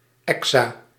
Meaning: exa-
- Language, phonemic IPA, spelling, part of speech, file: Dutch, /ˈɛk.sa/, exa-, prefix, Nl-exa-.ogg